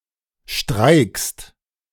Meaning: second-person singular present of streiken
- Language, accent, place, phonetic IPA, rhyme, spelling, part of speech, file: German, Germany, Berlin, [ʃtʁaɪ̯kst], -aɪ̯kst, streikst, verb, De-streikst.ogg